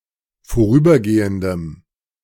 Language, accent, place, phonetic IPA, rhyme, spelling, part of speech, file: German, Germany, Berlin, [foˈʁyːbɐˌɡeːəndəm], -yːbɐɡeːəndəm, vorübergehendem, adjective, De-vorübergehendem.ogg
- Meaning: strong dative masculine/neuter singular of vorübergehend